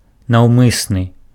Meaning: intentional, deliberate
- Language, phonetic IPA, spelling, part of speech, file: Belarusian, [nau̯ˈmɨsnɨ], наўмысны, adjective, Be-наўмысны.ogg